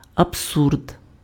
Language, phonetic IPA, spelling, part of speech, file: Ukrainian, [ɐbˈsurd], абсурд, noun, Uk-абсурд.ogg
- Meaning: absurdity